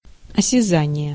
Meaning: sense of touch
- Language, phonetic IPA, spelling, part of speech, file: Russian, [ɐsʲɪˈzanʲɪje], осязание, noun, Ru-осязание.ogg